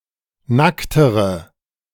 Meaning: inflection of nackt: 1. strong/mixed nominative/accusative feminine singular comparative degree 2. strong nominative/accusative plural comparative degree
- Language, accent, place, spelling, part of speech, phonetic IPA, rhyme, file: German, Germany, Berlin, nacktere, adjective, [ˈnaktəʁə], -aktəʁə, De-nacktere.ogg